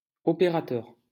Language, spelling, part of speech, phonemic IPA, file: French, opérateur, noun, /ɔ.pe.ʁa.tœʁ/, LL-Q150 (fra)-opérateur.wav
- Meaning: 1. operator (someone who operates) 2. operator